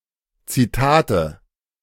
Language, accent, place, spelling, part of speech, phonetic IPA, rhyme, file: German, Germany, Berlin, Zitate, noun, [t͡siˈtaːtə], -aːtə, De-Zitate.ogg
- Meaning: 1. nominative/accusative/genitive plural of Zitat 2. dative singular of Zitat